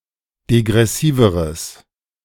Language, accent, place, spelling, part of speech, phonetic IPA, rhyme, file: German, Germany, Berlin, degressiveres, adjective, [deɡʁɛˈsiːvəʁəs], -iːvəʁəs, De-degressiveres.ogg
- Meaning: strong/mixed nominative/accusative neuter singular comparative degree of degressiv